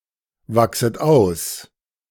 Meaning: second-person plural subjunctive I of auswachsen
- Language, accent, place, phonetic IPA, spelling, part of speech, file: German, Germany, Berlin, [ˌvaksət ˈaʊ̯s], wachset aus, verb, De-wachset aus.ogg